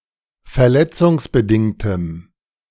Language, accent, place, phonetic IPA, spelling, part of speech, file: German, Germany, Berlin, [fɛɐ̯ˈlɛt͡sʊŋsbəˌdɪŋtəm], verletzungsbedingtem, adjective, De-verletzungsbedingtem.ogg
- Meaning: strong dative masculine/neuter singular of verletzungsbedingt